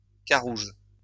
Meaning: 1. blackbird (precisely, New World blackbird) 2. rudd (Scardinius erythrophthalmus) 3. carob (pod) 4. carob (wood)
- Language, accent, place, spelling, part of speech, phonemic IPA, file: French, France, Lyon, carouge, noun, /ka.ʁuʒ/, LL-Q150 (fra)-carouge.wav